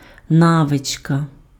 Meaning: 1. skill, knack (ability gained through habitual action and experience) 2. habit
- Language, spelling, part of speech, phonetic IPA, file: Ukrainian, навичка, noun, [ˈnaʋet͡ʃkɐ], Uk-навичка.ogg